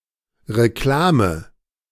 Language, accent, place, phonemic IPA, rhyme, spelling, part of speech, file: German, Germany, Berlin, /ʁeˈklaːmə/, -aːmə, Reklame, noun, De-Reklame.ogg
- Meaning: advertisement